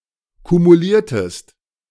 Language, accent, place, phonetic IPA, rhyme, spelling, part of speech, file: German, Germany, Berlin, [kumuˈliːɐ̯təst], -iːɐ̯təst, kumuliertest, verb, De-kumuliertest.ogg
- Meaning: inflection of kumulieren: 1. second-person singular preterite 2. second-person singular subjunctive II